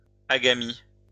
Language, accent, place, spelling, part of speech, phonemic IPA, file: French, France, Lyon, agami, noun, /a.ɡa.mi/, LL-Q150 (fra)-agami.wav
- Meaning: agami